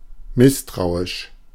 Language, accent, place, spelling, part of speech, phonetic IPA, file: German, Germany, Berlin, misstrauisch, adjective, [ˈmɪstʁaʊ̯ɪʃ], De-misstrauisch.ogg
- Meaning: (adjective) distrustful, suspicious; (adverb) distrustfully, suspiciously